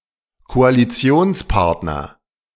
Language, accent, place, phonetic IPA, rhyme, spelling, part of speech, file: German, Germany, Berlin, [koaliˈt͡si̯oːnsˌpaʁtnɐ], -oːnspaʁtnɐ, Koalitionspartner, noun, De-Koalitionspartner.ogg
- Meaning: coalition partner